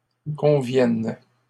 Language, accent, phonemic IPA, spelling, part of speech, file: French, Canada, /kɔ̃.vjɛn/, conviennes, verb, LL-Q150 (fra)-conviennes.wav
- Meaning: second-person singular present subjunctive of convenir